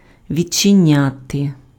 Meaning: to open (a door, a window)
- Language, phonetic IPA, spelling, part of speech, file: Ukrainian, [ʋʲid͡ʒt͡ʃeˈnʲate], відчиняти, verb, Uk-відчиняти.ogg